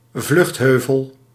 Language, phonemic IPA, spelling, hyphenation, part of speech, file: Dutch, /ˈvlʏxtˌɦøː.vəl/, vluchtheuvel, vlucht‧heu‧vel, noun, Nl-vluchtheuvel.ogg
- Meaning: 1. a traffic island 2. a (usually artificial) hill used in the past as a refuge from flooding 3. a refuge